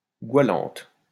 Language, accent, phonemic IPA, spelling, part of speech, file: French, France, /ɡwa.lɑ̃t/, goualante, adjective, LL-Q150 (fra)-goualante.wav
- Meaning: feminine singular of goualant